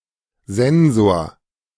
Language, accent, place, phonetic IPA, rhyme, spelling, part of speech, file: German, Germany, Berlin, [ˈzɛnzoːɐ̯], -ɛnzoːɐ̯, Sensor, noun, De-Sensor.ogg
- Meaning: sensor